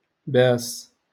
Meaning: to kiss
- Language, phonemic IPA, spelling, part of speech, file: Moroccan Arabic, /baːs/, باس, verb, LL-Q56426 (ary)-باس.wav